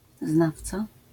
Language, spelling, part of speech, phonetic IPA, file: Polish, znawca, noun, [ˈznaft͡sa], LL-Q809 (pol)-znawca.wav